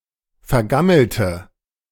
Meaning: inflection of vergammelt: 1. strong/mixed nominative/accusative feminine singular 2. strong nominative/accusative plural 3. weak nominative all-gender singular
- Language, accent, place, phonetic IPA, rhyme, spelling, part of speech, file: German, Germany, Berlin, [fɛɐ̯ˈɡaml̩tə], -aml̩tə, vergammelte, adjective / verb, De-vergammelte.ogg